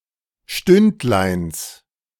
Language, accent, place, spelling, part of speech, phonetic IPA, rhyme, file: German, Germany, Berlin, Stündleins, noun, [ˈʃtʏntlaɪ̯ns], -ʏntlaɪ̯ns, De-Stündleins.ogg
- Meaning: genitive singular of Stündlein